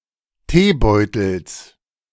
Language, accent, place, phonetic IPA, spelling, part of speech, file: German, Germany, Berlin, [ˈteːˌbɔɪ̯tl̩s], Teebeutels, noun, De-Teebeutels.ogg
- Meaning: genitive singular of Teebeutel